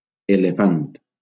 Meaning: elephant
- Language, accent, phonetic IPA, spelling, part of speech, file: Catalan, Valencia, [e.leˈfant], elefant, noun, LL-Q7026 (cat)-elefant.wav